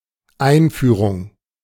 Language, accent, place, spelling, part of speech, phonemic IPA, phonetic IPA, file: German, Germany, Berlin, Einführung, noun, /ˈaɪ̯nˌfyːʀʊŋ/, [ˈʔaɪ̯nˌfyːʁʊŋ], De-Einführung.ogg
- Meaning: introduction